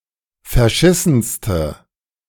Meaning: inflection of verschissen: 1. strong/mixed nominative/accusative feminine singular superlative degree 2. strong nominative/accusative plural superlative degree
- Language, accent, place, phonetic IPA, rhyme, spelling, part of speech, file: German, Germany, Berlin, [fɛɐ̯ˈʃɪsn̩stə], -ɪsn̩stə, verschissenste, adjective, De-verschissenste.ogg